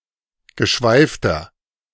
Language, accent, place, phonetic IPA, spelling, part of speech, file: German, Germany, Berlin, [ɡəˈʃvaɪ̯ftɐ], geschweifter, adjective, De-geschweifter.ogg
- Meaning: inflection of geschweift: 1. strong/mixed nominative masculine singular 2. strong genitive/dative feminine singular 3. strong genitive plural